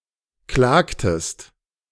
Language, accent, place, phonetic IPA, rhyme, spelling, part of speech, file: German, Germany, Berlin, [ˈklaːktəst], -aːktəst, klagtest, verb, De-klagtest.ogg
- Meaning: inflection of klagen: 1. second-person singular preterite 2. second-person singular subjunctive II